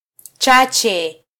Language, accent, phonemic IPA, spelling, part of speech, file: Swahili, Kenya, /ˈtʃɑ.tʃɛ/, chache, adjective, Sw-ke-chache.flac
- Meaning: few